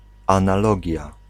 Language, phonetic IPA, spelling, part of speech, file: Polish, [ˌãnaˈlɔɟja], analogia, noun, Pl-analogia.ogg